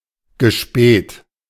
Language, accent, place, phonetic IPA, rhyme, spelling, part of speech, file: German, Germany, Berlin, [ɡəˈʃpɛːt], -ɛːt, gespäht, verb, De-gespäht.ogg
- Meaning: past participle of spähen